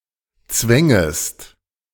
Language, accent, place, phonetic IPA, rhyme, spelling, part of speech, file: German, Germany, Berlin, [ˈt͡svɛŋəst], -ɛŋəst, zwängest, verb, De-zwängest.ogg
- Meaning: second-person singular subjunctive II of zwingen